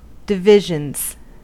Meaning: 1. plural of division 2. A formal parade of a ship's or shore establishment's company
- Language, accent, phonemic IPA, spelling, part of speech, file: English, US, /dɪˈvɪʒənz/, divisions, noun, En-us-divisions.ogg